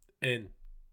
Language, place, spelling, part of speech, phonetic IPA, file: Azerbaijani, Baku, en, noun, [en], Az-az-en.ogg
- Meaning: width